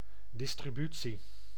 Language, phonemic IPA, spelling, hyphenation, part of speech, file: Dutch, /ˌdɪs.triˈby.(t)si/, distributie, dis‧tri‧bu‧tie, noun, Nl-distributie.ogg
- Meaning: a distribution, the act, process or an instance of distributing or being distributed, including the marketing and logistic senses of wide deliveries